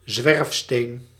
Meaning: a glacial erratic, a stone that has been transported by a glacier
- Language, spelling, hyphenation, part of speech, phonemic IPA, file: Dutch, zwerfsteen, zwerf‧steen, noun, /ˈzʋɛrf.steːn/, Nl-zwerfsteen.ogg